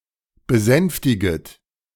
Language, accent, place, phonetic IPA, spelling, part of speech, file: German, Germany, Berlin, [bəˈzɛnftɪɡət], besänftiget, verb, De-besänftiget.ogg
- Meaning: second-person plural subjunctive I of besänftigen